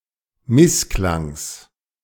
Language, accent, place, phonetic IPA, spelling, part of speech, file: German, Germany, Berlin, [ˈmɪsˌklaŋs], Missklangs, noun, De-Missklangs.ogg
- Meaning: genitive of Missklang